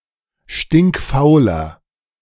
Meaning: inflection of stinkfaul: 1. strong/mixed nominative masculine singular 2. strong genitive/dative feminine singular 3. strong genitive plural
- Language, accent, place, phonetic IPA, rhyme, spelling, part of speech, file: German, Germany, Berlin, [ˌʃtɪŋkˈfaʊ̯lɐ], -aʊ̯lɐ, stinkfauler, adjective, De-stinkfauler.ogg